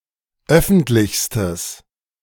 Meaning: strong/mixed nominative/accusative neuter singular superlative degree of öffentlich
- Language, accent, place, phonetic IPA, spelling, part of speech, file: German, Germany, Berlin, [ˈœfn̩tlɪçstəs], öffentlichstes, adjective, De-öffentlichstes.ogg